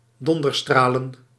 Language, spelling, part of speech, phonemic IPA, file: Dutch, donderstralen, verb / noun, /ˈdɔndərˌstralə(n)/, Nl-donderstralen.ogg
- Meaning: plural of donderstraal